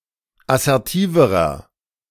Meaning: inflection of assertiv: 1. strong/mixed nominative masculine singular comparative degree 2. strong genitive/dative feminine singular comparative degree 3. strong genitive plural comparative degree
- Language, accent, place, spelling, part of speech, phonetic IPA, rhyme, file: German, Germany, Berlin, assertiverer, adjective, [asɛʁˈtiːvəʁɐ], -iːvəʁɐ, De-assertiverer.ogg